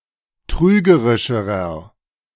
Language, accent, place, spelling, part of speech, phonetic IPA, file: German, Germany, Berlin, trügerischerer, adjective, [ˈtʁyːɡəʁɪʃəʁɐ], De-trügerischerer.ogg
- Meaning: inflection of trügerisch: 1. strong/mixed nominative masculine singular comparative degree 2. strong genitive/dative feminine singular comparative degree 3. strong genitive plural comparative degree